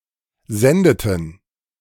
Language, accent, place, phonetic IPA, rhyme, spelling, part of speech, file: German, Germany, Berlin, [ˈzɛndətn̩], -ɛndətn̩, sendeten, verb, De-sendeten.ogg
- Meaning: inflection of senden: 1. first/third-person plural preterite 2. first/third-person plural subjunctive II